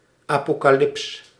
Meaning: 1. apocalypse (religious genre) 2. apocalypse, future cataclysm
- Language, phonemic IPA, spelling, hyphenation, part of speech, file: Dutch, /ˌaː.poː.kaːˈlɪps/, apocalyps, apo‧ca‧lyps, noun, Nl-apocalyps.ogg